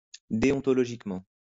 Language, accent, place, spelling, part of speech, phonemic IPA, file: French, France, Lyon, déontologiquement, adverb, /de.ɔ̃.tɔ.lɔ.ʒik.mɑ̃/, LL-Q150 (fra)-déontologiquement.wav
- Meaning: deontologically, ethically